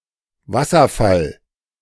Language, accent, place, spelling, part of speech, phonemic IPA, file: German, Germany, Berlin, Wasserfall, noun, /ˈvasɐˌfal/, De-Wasserfall.ogg
- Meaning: waterfall